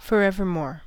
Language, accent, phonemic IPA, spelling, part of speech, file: English, US, /fɔːɹˈɛv.ɚ.mɔːɹ/, forevermore, adverb, En-us-forevermore.ogg
- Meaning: At any or all times in the future; forever